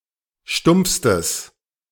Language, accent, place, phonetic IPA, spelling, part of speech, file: German, Germany, Berlin, [ˈʃtʊmp͡fstəs], stumpfstes, adjective, De-stumpfstes.ogg
- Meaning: strong/mixed nominative/accusative neuter singular superlative degree of stumpf